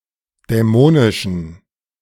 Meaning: inflection of dämonisch: 1. strong genitive masculine/neuter singular 2. weak/mixed genitive/dative all-gender singular 3. strong/weak/mixed accusative masculine singular 4. strong dative plural
- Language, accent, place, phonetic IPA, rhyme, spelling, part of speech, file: German, Germany, Berlin, [dɛˈmoːnɪʃn̩], -oːnɪʃn̩, dämonischen, adjective, De-dämonischen.ogg